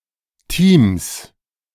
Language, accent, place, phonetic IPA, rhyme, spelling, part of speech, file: German, Germany, Berlin, [tiːms], -iːms, Teams, noun, De-Teams.ogg
- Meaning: 1. plural of Team 2. genitive singular of Team